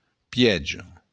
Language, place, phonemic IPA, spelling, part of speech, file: Occitan, Béarn, /piˈɛdʒ.a/, pièja, noun, LL-Q14185 (oci)-pièja.wav
- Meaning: stay